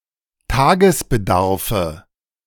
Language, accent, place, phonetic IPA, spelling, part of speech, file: German, Germany, Berlin, [ˈtaːɡəsbəˌdaʁfə], Tagesbedarfe, noun, De-Tagesbedarfe.ogg
- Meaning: nominative/accusative/genitive plural of Tagesbedarf